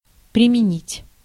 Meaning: to apply, to use, to employ
- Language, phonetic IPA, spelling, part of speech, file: Russian, [prʲɪmʲɪˈnʲitʲ], применить, verb, Ru-применить.ogg